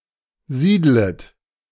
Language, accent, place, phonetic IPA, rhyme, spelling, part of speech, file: German, Germany, Berlin, [ˈziːdlət], -iːdlət, siedlet, verb, De-siedlet.ogg
- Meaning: second-person plural subjunctive I of siedeln